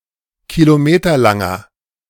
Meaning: inflection of kilometerlang: 1. strong/mixed nominative masculine singular 2. strong genitive/dative feminine singular 3. strong genitive plural
- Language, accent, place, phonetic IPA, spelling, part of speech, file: German, Germany, Berlin, [kiloˈmeːtɐlaŋɐ], kilometerlanger, adjective, De-kilometerlanger.ogg